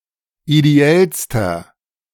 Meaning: inflection of ideell: 1. strong/mixed nominative masculine singular superlative degree 2. strong genitive/dative feminine singular superlative degree 3. strong genitive plural superlative degree
- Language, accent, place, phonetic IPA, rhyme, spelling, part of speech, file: German, Germany, Berlin, [ideˈɛlstɐ], -ɛlstɐ, ideellster, adjective, De-ideellster.ogg